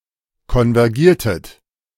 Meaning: inflection of konvergieren: 1. second-person plural preterite 2. second-person plural subjunctive II
- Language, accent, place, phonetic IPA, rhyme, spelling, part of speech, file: German, Germany, Berlin, [kɔnvɛʁˈɡiːɐ̯tət], -iːɐ̯tət, konvergiertet, verb, De-konvergiertet.ogg